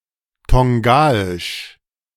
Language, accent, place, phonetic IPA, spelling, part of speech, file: German, Germany, Berlin, [ˈtɔŋɡaɪʃ], Tongaisch, noun, De-Tongaisch.ogg
- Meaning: Tongan (language)